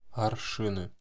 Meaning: nominative/accusative plural of арши́н (aršín)
- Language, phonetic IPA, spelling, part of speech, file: Russian, [ɐrˈʂɨnɨ], аршины, noun, Ru-аршины.ogg